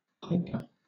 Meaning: 1. A disorder characterized by appetite and craving for non-edible substances, such as chalk, clay, dirt, ice, or sand 2. A magpie
- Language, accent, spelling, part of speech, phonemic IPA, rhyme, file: English, Southern England, pica, noun, /ˈpaɪkə/, -aɪkə, LL-Q1860 (eng)-pica.wav